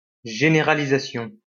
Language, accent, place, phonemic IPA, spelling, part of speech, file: French, France, Lyon, /ʒe.ne.ʁa.li.za.sjɔ̃/, généralisation, noun, LL-Q150 (fra)-généralisation.wav
- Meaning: generalisation